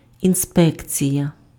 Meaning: inspection
- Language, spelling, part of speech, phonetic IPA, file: Ukrainian, інспекція, noun, [inˈspɛkt͡sʲijɐ], Uk-інспекція.ogg